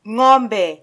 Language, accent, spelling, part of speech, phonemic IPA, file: Swahili, Kenya, ng'ombe, noun, /ˈŋɔ.ᵐbɛ/, Sw-ke-ng'ombe.flac
- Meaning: 1. cow, ox 2. idiot